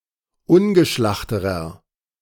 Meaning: inflection of ungeschlacht: 1. strong/mixed nominative masculine singular comparative degree 2. strong genitive/dative feminine singular comparative degree 3. strong genitive plural comparative degree
- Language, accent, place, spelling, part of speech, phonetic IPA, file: German, Germany, Berlin, ungeschlachterer, adjective, [ˈʊnɡəˌʃlaxtəʁɐ], De-ungeschlachterer.ogg